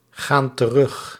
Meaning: inflection of teruggaan: 1. plural present indicative 2. plural present subjunctive
- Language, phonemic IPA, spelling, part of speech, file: Dutch, /ˈɣan t(ə)ˈrʏx/, gaan terug, verb, Nl-gaan terug.ogg